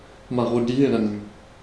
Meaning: to maraud
- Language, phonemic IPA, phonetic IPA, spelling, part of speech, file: German, /maʁoˈdiːʁən/, [maʁoˈdiːɐ̯n], marodieren, verb, De-marodieren.ogg